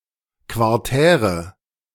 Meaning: inflection of quartär: 1. strong/mixed nominative/accusative feminine singular 2. strong nominative/accusative plural 3. weak nominative all-gender singular 4. weak accusative feminine/neuter singular
- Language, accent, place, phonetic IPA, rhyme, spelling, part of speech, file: German, Germany, Berlin, [kvaʁˈtɛːʁə], -ɛːʁə, quartäre, adjective, De-quartäre.ogg